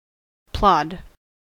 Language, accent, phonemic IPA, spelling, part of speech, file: English, US, /plɑd/, plod, noun / verb, En-us-plod.ogg
- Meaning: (noun) A slow or labored walk or other motion or activity; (verb) 1. To walk or move slowly and heavily or laboriously (+ on, through, over) 2. To trudge over or through